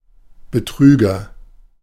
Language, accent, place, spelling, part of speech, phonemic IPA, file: German, Germany, Berlin, Betrüger, noun, /bəˈtʁyːɡɐ/, De-Betrüger.ogg
- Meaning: 1. agent noun of betrügen; deceiver, fake, double-dealer 2. fraud, impostor, imposter, fraudster (person) 3. con artist, con man, scammer, cheat, cheater, swindler, confidence trickster 4. crook